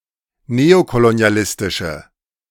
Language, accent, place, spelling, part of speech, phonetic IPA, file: German, Germany, Berlin, neokolonialistische, adjective, [ˈneːokoloni̯aˌlɪstɪʃə], De-neokolonialistische.ogg
- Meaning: inflection of neokolonialistisch: 1. strong/mixed nominative/accusative feminine singular 2. strong nominative/accusative plural 3. weak nominative all-gender singular